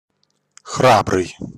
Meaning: brave, courageous (strong in the face of fear)
- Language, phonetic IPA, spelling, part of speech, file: Russian, [ˈxrabrɨj], храбрый, adjective, Ru-храбрый.ogg